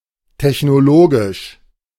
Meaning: technological
- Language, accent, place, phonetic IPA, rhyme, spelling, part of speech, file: German, Germany, Berlin, [tɛçnoˈloːɡɪʃ], -oːɡɪʃ, technologisch, adjective, De-technologisch.ogg